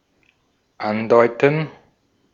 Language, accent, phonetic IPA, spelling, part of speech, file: German, Austria, [ˈanˌdɔɪ̯tn̩], andeuten, verb, De-at-andeuten.ogg
- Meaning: 1. to suggest or imply 2. to hint 3. to insinuate